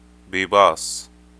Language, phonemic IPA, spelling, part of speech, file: Libyan Arabic, /biːbɑːsˤ/, بيباص, noun, Ar-ly-bibaaS.ogg
- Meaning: clergyman, priest